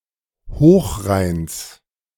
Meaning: genitive singular of Hochrhein
- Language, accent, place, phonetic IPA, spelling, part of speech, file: German, Germany, Berlin, [ˈhoːxˌʁaɪ̯ns], Hochrheins, noun, De-Hochrheins.ogg